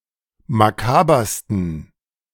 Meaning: 1. superlative degree of makaber 2. inflection of makaber: strong genitive masculine/neuter singular superlative degree
- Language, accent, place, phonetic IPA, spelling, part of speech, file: German, Germany, Berlin, [maˈkaːbɐstn̩], makabersten, adjective, De-makabersten.ogg